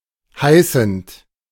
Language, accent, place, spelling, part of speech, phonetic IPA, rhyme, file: German, Germany, Berlin, heißend, verb, [ˈhaɪ̯sn̩t], -aɪ̯sn̩t, De-heißend.ogg
- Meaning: present participle of heißen